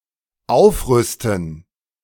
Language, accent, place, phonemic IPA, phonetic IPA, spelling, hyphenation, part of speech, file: German, Germany, Berlin, /ˈaʊ̯fˌʁʏstən/, [ˈʔaʊ̯fˌʁʏstn̩], aufrüsten, auf‧rüs‧ten, verb, De-aufrüsten.ogg
- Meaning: 1. to increase armament 2. to upgrade